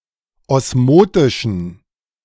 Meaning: inflection of osmotisch: 1. strong genitive masculine/neuter singular 2. weak/mixed genitive/dative all-gender singular 3. strong/weak/mixed accusative masculine singular 4. strong dative plural
- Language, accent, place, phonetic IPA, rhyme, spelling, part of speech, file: German, Germany, Berlin, [ˌɔsˈmoːtɪʃn̩], -oːtɪʃn̩, osmotischen, adjective, De-osmotischen.ogg